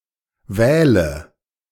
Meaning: inflection of wählen: 1. first-person singular present 2. first/third-person singular subjunctive I 3. singular imperative
- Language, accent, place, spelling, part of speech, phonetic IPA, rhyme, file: German, Germany, Berlin, wähle, verb, [ˈvɛːlə], -ɛːlə, De-wähle.ogg